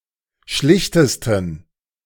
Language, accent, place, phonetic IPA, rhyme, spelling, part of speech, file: German, Germany, Berlin, [ˈʃlɪçtəstn̩], -ɪçtəstn̩, schlichtesten, adjective, De-schlichtesten.ogg
- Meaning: 1. superlative degree of schlicht 2. inflection of schlicht: strong genitive masculine/neuter singular superlative degree